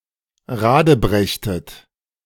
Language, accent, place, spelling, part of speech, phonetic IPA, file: German, Germany, Berlin, radebrechtet, verb, [ˈʁaːdəˌbʁɛçtət], De-radebrechtet.ogg
- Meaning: inflection of radebrechen: 1. second-person plural preterite 2. second-person plural subjunctive II